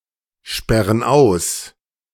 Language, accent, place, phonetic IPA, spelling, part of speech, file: German, Germany, Berlin, [ˌʃpɛʁən ˈaʊ̯s], sperren aus, verb, De-sperren aus.ogg
- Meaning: inflection of aussperren: 1. first/third-person plural present 2. first/third-person plural subjunctive I